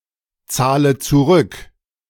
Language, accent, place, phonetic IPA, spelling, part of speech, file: German, Germany, Berlin, [ˌt͡saːlə t͡suˈʁʏk], zahle zurück, verb, De-zahle zurück.ogg
- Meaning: inflection of zurückzahlen: 1. first-person singular present 2. first/third-person singular subjunctive I 3. singular imperative